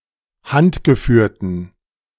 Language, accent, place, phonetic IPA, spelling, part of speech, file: German, Germany, Berlin, [ˈhantɡəˌfyːɐ̯tən], handgeführten, adjective, De-handgeführten.ogg
- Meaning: inflection of handgeführt: 1. strong genitive masculine/neuter singular 2. weak/mixed genitive/dative all-gender singular 3. strong/weak/mixed accusative masculine singular 4. strong dative plural